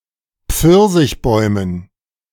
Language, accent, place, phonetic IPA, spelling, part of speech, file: German, Germany, Berlin, [ˈp͡fɪʁzɪçˌbɔɪ̯mən], Pfirsichbäumen, noun, De-Pfirsichbäumen.ogg
- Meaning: dative plural of Pfirsichbaum